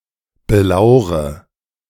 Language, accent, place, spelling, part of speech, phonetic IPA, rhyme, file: German, Germany, Berlin, belaure, verb, [bəˈlaʊ̯ʁə], -aʊ̯ʁə, De-belaure.ogg
- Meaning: inflection of belauern: 1. first-person singular present 2. first/third-person singular subjunctive I 3. singular imperative